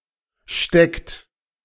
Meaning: inflection of stecken: 1. third-person singular present 2. second-person plural present 3. plural imperative
- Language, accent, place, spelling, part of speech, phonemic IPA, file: German, Germany, Berlin, steckt, verb, /ʃtɛkt/, De-steckt.ogg